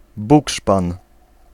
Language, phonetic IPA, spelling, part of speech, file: Polish, [ˈbukʃpãn], bukszpan, noun, Pl-bukszpan.ogg